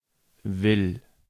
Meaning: first/third-person singular present of wollen
- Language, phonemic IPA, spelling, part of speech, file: German, /vɪl/, will, verb, De-will.ogg